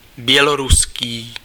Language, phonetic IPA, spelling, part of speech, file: Czech, [ˈbjɛloruskiː], běloruský, adjective, Cs-běloruský.ogg
- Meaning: Belarusian